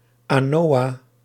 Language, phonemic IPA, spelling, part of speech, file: Dutch, /ɑnoːɑ/, anoa, noun, Nl-anoa.ogg
- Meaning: anoa, Bubalus depressicornis